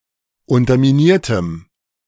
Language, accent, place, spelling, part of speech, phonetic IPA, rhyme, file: German, Germany, Berlin, unterminiertem, adjective, [ˌʊntɐmiˈniːɐ̯təm], -iːɐ̯təm, De-unterminiertem.ogg
- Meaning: strong dative masculine/neuter singular of unterminiert